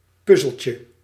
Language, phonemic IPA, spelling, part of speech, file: Dutch, /ˈpʏzəlcə/, puzzeltje, noun, Nl-puzzeltje.ogg
- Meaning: diminutive of puzzel